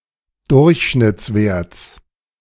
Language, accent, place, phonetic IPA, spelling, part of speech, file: German, Germany, Berlin, [ˈdʊʁçʃnɪt͡sˌveːɐ̯t͡s], Durchschnittswerts, noun, De-Durchschnittswerts.ogg
- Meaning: genitive singular of Durchschnittswert